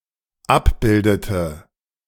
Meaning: inflection of abbilden: 1. first/third-person singular dependent preterite 2. first/third-person singular dependent subjunctive II
- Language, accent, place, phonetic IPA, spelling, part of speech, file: German, Germany, Berlin, [ˈapˌbɪldətə], abbildete, verb, De-abbildete.ogg